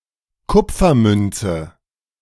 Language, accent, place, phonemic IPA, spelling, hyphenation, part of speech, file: German, Germany, Berlin, /ˈkʊp͡fɐˌmʏnt͡sə/, Kupfermünze, Kup‧fer‧mün‧ze, noun, De-Kupfermünze.ogg
- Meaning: copper coin